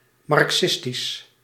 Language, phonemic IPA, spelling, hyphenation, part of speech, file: Dutch, /ˌmɑrk.sɪsˈtis/, marxistisch, mar‧xis‧tisch, adjective, Nl-marxistisch.ogg
- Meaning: Marxist